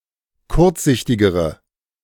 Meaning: inflection of kurzsichtig: 1. strong/mixed nominative/accusative feminine singular comparative degree 2. strong nominative/accusative plural comparative degree
- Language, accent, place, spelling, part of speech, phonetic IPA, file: German, Germany, Berlin, kurzsichtigere, adjective, [ˈkʊʁt͡sˌzɪçtɪɡəʁə], De-kurzsichtigere.ogg